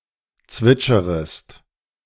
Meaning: second-person singular subjunctive I of zwitschern
- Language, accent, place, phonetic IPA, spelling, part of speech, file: German, Germany, Berlin, [ˈt͡svɪt͡ʃəʁəst], zwitscherest, verb, De-zwitscherest.ogg